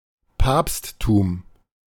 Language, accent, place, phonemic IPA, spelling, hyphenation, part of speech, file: German, Germany, Berlin, /ˈpaːpsˌtuːm/, Papsttum, Papst‧tum, noun, De-Papsttum.ogg
- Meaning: popedom, papacy (office and jurisdiction of the Pope)